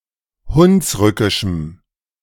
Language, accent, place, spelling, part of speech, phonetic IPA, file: German, Germany, Berlin, hunsrückischem, adjective, [ˈhʊnsˌʁʏkɪʃm̩], De-hunsrückischem.ogg
- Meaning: strong dative masculine/neuter singular of hunsrückisch